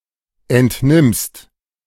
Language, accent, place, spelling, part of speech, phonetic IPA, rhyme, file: German, Germany, Berlin, entnimmst, verb, [ˌɛntˈnɪmst], -ɪmst, De-entnimmst.ogg
- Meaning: second-person singular present of entnehmen